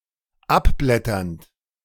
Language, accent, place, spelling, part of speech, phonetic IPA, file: German, Germany, Berlin, abblätternd, adjective / verb, [ˈapˌblɛtɐnt], De-abblätternd.ogg
- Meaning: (verb) present participle of abblättern; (adjective) flaking, peeling off, shedding